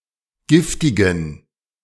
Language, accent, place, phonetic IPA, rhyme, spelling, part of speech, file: German, Germany, Berlin, [ˈɡɪftɪɡn̩], -ɪftɪɡn̩, giftigen, adjective, De-giftigen.ogg
- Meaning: inflection of giftig: 1. strong genitive masculine/neuter singular 2. weak/mixed genitive/dative all-gender singular 3. strong/weak/mixed accusative masculine singular 4. strong dative plural